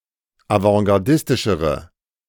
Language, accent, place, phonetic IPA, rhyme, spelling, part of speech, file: German, Germany, Berlin, [avɑ̃ɡaʁˈdɪstɪʃəʁə], -ɪstɪʃəʁə, avantgardistischere, adjective, De-avantgardistischere.ogg
- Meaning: inflection of avantgardistisch: 1. strong/mixed nominative/accusative feminine singular comparative degree 2. strong nominative/accusative plural comparative degree